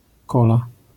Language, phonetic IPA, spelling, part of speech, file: Polish, [ˈkɔla], kola, noun, LL-Q809 (pol)-kola.wav